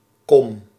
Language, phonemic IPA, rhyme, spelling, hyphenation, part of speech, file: Dutch, /kɔm/, -ɔm, kom, kom, noun / verb, Nl-kom.ogg
- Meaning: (noun) 1. bowl 2. basin 3. socket (hollow part in a bone) 4. (village) center, in particular one with buildings around a central square 5. built-up area 6. inner harbour